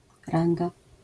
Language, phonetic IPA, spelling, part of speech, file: Polish, [ˈrãŋɡa], ranga, noun, LL-Q809 (pol)-ranga.wav